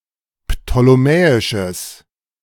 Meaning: strong/mixed nominative/accusative neuter singular of ptolemäisch
- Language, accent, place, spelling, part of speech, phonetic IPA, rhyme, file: German, Germany, Berlin, ptolemäisches, adjective, [ptoleˈmɛːɪʃəs], -ɛːɪʃəs, De-ptolemäisches.ogg